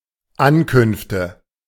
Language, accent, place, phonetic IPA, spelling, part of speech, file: German, Germany, Berlin, [ˈankʏnftə], Ankünfte, noun, De-Ankünfte.ogg
- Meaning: nominative/accusative/genitive plural of Ankunft